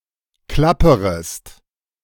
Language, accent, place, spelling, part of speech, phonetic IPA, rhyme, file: German, Germany, Berlin, klapperest, verb, [ˈklapəʁəst], -apəʁəst, De-klapperest.ogg
- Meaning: second-person singular subjunctive I of klappern